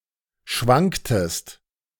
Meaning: inflection of schwanken: 1. second-person singular preterite 2. second-person singular subjunctive II
- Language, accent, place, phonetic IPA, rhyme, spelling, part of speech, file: German, Germany, Berlin, [ˈʃvaŋktəst], -aŋktəst, schwanktest, verb, De-schwanktest.ogg